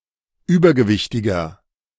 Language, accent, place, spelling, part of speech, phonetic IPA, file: German, Germany, Berlin, übergewichtiger, adjective, [ˈyːbɐɡəˌvɪçtɪɡɐ], De-übergewichtiger.ogg
- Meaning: 1. comparative degree of übergewichtig 2. inflection of übergewichtig: strong/mixed nominative masculine singular 3. inflection of übergewichtig: strong genitive/dative feminine singular